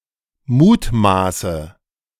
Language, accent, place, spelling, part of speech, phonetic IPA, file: German, Germany, Berlin, mutmaße, verb, [ˈmuːtˌmaːsə], De-mutmaße.ogg
- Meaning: inflection of mutmaßen: 1. first-person singular present 2. first/third-person singular subjunctive I 3. singular imperative